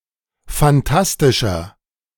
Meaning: 1. comparative degree of phantastisch 2. inflection of phantastisch: strong/mixed nominative masculine singular 3. inflection of phantastisch: strong genitive/dative feminine singular
- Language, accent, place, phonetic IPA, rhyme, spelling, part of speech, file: German, Germany, Berlin, [fanˈtastɪʃɐ], -astɪʃɐ, phantastischer, adjective, De-phantastischer.ogg